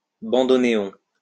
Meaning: bandoneon
- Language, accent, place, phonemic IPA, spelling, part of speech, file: French, France, Lyon, /bɑ̃.dɔ.ne.ɔ̃/, bandonéon, noun, LL-Q150 (fra)-bandonéon.wav